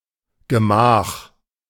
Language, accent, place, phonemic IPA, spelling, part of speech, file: German, Germany, Berlin, /ɡəˈmaːχ/, Gemach, noun, De-Gemach.ogg
- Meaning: private chamber (especially of a palace)